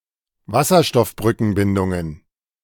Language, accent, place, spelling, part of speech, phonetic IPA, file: German, Germany, Berlin, Wasserstoffbrückenbindungen, noun, [ˈvasɐʃtɔfbʁʏkənbɪndʊŋən], De-Wasserstoffbrückenbindungen.ogg
- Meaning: plural of Wasserstoffbrückenbindung